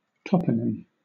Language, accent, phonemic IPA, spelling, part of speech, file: English, Southern England, /ˈtɒpənɪm/, toponym, noun, LL-Q1860 (eng)-toponym.wav
- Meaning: 1. A placename 2. A word derived from the name of a place 3. The technical designation of any region of an animal